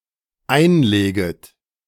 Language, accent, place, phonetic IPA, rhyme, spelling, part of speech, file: German, Germany, Berlin, [ˈaɪ̯nˌleːɡət], -aɪ̯nleːɡət, einleget, verb, De-einleget.ogg
- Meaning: second-person plural dependent subjunctive I of einlegen